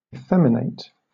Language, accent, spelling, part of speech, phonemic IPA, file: English, Southern England, effeminate, verb, /ɪˈfɛmɪneɪt/, LL-Q1860 (eng)-effeminate.wav
- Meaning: 1. To make womanly; to unman 2. To become womanly